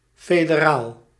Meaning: federal
- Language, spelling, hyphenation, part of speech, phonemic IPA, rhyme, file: Dutch, federaal, fe‧de‧raal, adjective, /ˌfeː.dəˈraːl/, -aːl, Nl-federaal.ogg